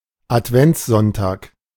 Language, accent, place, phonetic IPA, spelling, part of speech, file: German, Germany, Berlin, [atˈvɛnt͡sˌzɔntaːk], Adventssonntag, noun, De-Adventssonntag.ogg
- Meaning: Advent Sunday